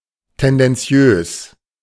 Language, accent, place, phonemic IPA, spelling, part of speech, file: German, Germany, Berlin, /tɛndɛnˈt͡sjøːs/, tendenziös, adjective, De-tendenziös.ogg
- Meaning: tendentious; biased (representing facts in a partisan manner, often manipulatively so)